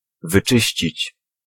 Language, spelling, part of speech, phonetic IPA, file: Polish, wyczyścić, verb, [vɨˈt͡ʃɨɕt͡ɕit͡ɕ], Pl-wyczyścić.ogg